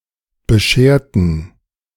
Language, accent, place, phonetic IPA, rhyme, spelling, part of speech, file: German, Germany, Berlin, [bəˈʃeːɐ̯tn̩], -eːɐ̯tn̩, bescherten, adjective / verb, De-bescherten.ogg
- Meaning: inflection of bescheren: 1. first/third-person plural preterite 2. first/third-person plural subjunctive II